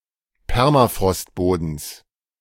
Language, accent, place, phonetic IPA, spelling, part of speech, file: German, Germany, Berlin, [ˈpɛʁmafʁɔstˌboːdn̩s], Permafrostbodens, noun, De-Permafrostbodens.ogg
- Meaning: genitive singular of Permafrostboden